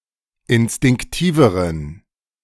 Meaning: inflection of instinktiv: 1. strong genitive masculine/neuter singular comparative degree 2. weak/mixed genitive/dative all-gender singular comparative degree
- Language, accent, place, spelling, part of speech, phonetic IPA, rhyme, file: German, Germany, Berlin, instinktiveren, adjective, [ɪnstɪŋkˈtiːvəʁən], -iːvəʁən, De-instinktiveren.ogg